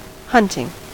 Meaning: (noun) The act of finding and killing a wild animal, either for sport or with the intention of using its parts to make food, clothes, etc
- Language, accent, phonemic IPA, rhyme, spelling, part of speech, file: English, US, /ˈhʌntɪŋ/, -ʌntɪŋ, hunting, noun / verb, En-us-hunting.ogg